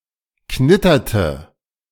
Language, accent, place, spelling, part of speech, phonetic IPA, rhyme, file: German, Germany, Berlin, knitterte, verb, [ˈknɪtɐtə], -ɪtɐtə, De-knitterte.ogg
- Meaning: inflection of knittern: 1. first/third-person singular preterite 2. first/third-person singular subjunctive II